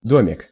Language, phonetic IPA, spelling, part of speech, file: Russian, [ˈdomʲɪk], домик, noun, Ru-домик.ogg
- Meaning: diminutive of дом (dom); a little house